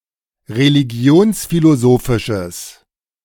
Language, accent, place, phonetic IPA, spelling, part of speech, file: German, Germany, Berlin, [ʁeliˈɡi̯oːnsfiloˌzoːfɪʃəs], religionsphilosophisches, adjective, De-religionsphilosophisches.ogg
- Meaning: strong/mixed nominative/accusative neuter singular of religionsphilosophisch